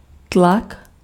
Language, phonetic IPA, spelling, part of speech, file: Czech, [ˈtlak], tlak, noun, Cs-tlak.ogg
- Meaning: pressure